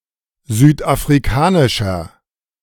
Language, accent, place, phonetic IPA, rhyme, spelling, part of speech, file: German, Germany, Berlin, [ˌzyːtʔafʁiˈkaːnɪʃɐ], -aːnɪʃɐ, südafrikanischer, adjective, De-südafrikanischer.ogg
- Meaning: inflection of südafrikanisch: 1. strong/mixed nominative masculine singular 2. strong genitive/dative feminine singular 3. strong genitive plural